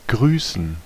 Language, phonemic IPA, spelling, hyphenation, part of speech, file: German, /ˈɡʁyːsən/, grüßen, grü‧ßen, verb, De-grüßen.ogg
- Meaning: to greet